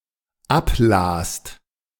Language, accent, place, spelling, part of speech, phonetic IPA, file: German, Germany, Berlin, ablast, verb, [ˈapˌlaːst], De-ablast.ogg
- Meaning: second-person singular/plural dependent preterite of ablesen